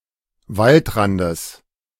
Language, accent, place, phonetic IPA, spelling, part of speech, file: German, Germany, Berlin, [ˈvaltˌʁandəs], Waldrandes, noun, De-Waldrandes.ogg
- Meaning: genitive of Waldrand